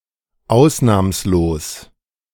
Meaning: exceptionless
- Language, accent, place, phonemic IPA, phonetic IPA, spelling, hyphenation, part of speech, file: German, Germany, Berlin, /ˈaʊ̯snaːmsloːs/, [ˈʔaʊ̯snaːmsloːs], ausnahmslos, aus‧nahms‧los, adjective, De-ausnahmslos2.ogg